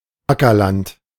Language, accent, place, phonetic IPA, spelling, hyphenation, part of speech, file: German, Germany, Berlin, [ˈakɐˌlant], Ackerland, Acker‧land, noun, De-Ackerland.ogg
- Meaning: farmland